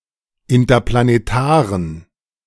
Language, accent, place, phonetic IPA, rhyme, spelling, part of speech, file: German, Germany, Berlin, [ɪntɐplaneˈtaːʁən], -aːʁən, interplanetaren, adjective, De-interplanetaren.ogg
- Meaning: inflection of interplanetar: 1. strong genitive masculine/neuter singular 2. weak/mixed genitive/dative all-gender singular 3. strong/weak/mixed accusative masculine singular 4. strong dative plural